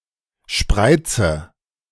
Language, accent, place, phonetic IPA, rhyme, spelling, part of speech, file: German, Germany, Berlin, [ˈʃpʁaɪ̯t͡sə], -aɪ̯t͡sə, spreize, verb, De-spreize.ogg
- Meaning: inflection of spreizen: 1. first-person singular present 2. first/third-person singular subjunctive I 3. singular imperative